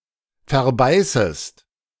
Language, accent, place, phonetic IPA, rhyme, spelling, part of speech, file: German, Germany, Berlin, [fɛɐ̯ˈbaɪ̯səst], -aɪ̯səst, verbeißest, verb, De-verbeißest.ogg
- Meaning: second-person singular subjunctive I of verbeißen